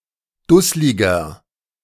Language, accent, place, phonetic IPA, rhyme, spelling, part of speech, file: German, Germany, Berlin, [ˈdʊslɪɡɐ], -ʊslɪɡɐ, dussliger, adjective, De-dussliger.ogg
- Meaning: 1. comparative degree of dusslig 2. inflection of dusslig: strong/mixed nominative masculine singular 3. inflection of dusslig: strong genitive/dative feminine singular